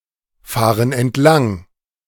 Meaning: inflection of entlangfahren: 1. first/third-person plural present 2. first/third-person plural subjunctive I
- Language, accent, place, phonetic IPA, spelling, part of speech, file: German, Germany, Berlin, [ˌfaːʁən ɛntˈlaŋ], fahren entlang, verb, De-fahren entlang.ogg